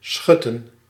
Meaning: 1. to stop, to hold back 2. to protect, to cover 3. to let pass through a sluice/lock
- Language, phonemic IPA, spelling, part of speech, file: Dutch, /ˈsxʏtə(n)/, schutten, verb, Nl-schutten.ogg